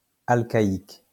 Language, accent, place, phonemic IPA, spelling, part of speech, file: French, France, Lyon, /al.ka.ik/, alcaïque, adjective, LL-Q150 (fra)-alcaïque.wav
- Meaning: Alcaic